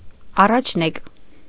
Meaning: firstborn
- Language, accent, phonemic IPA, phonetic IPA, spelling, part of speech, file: Armenian, Eastern Armenian, /ɑrɑt͡ʃʰˈnek/, [ɑrɑt͡ʃʰnék], առաջնեկ, noun, Hy-առաջնեկ.ogg